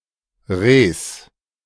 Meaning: genitive singular of Reh
- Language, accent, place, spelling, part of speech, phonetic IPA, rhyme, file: German, Germany, Berlin, Rehs, noun, [ʁeːs], -eːs, De-Rehs.ogg